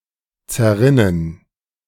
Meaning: 1. to melt away 2. to disappear, to come to nothing
- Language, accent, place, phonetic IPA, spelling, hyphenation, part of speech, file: German, Germany, Berlin, [t͡sɛɐ̯ˈʁɪnən], zerrinnen, zer‧rin‧nen, verb, De-zerrinnen.ogg